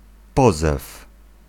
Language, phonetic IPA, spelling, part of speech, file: Polish, [ˈpɔzɛf], pozew, noun, Pl-pozew.ogg